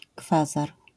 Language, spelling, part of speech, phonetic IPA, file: Polish, kwazar, noun, [ˈkfazar], LL-Q809 (pol)-kwazar.wav